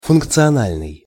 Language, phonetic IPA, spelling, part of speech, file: Russian, [fʊnkt͡sɨɐˈnalʲnɨj], функциональный, adjective, Ru-функциональный.ogg
- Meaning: 1. functional 2. functional (useful, serving a purpose) 3. functional (based on function)